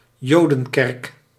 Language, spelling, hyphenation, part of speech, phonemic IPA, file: Dutch, jodenkerk, jo‧den‧kerk, noun, /ˈjoː.də(n)ˌkɛrk/, Nl-jodenkerk.ogg
- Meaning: synagogue